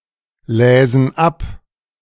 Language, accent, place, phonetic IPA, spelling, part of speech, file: German, Germany, Berlin, [ˌlɛːzn̩ ˈap], läsen ab, verb, De-läsen ab.ogg
- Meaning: first/third-person plural subjunctive II of ablesen